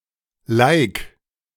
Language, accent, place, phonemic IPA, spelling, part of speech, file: German, Germany, Berlin, /laɪ̯k/, Like, noun, De-Like.ogg
- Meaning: like (individual vote showing support for, or approval of, something posted on the Internet)